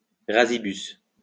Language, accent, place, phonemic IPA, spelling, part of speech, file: French, France, Lyon, /ʁa.zi.bys/, rasibus, adverb, LL-Q150 (fra)-rasibus.wav
- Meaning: 1. cleanly (cut) 2. to the brim 3. right now, straight away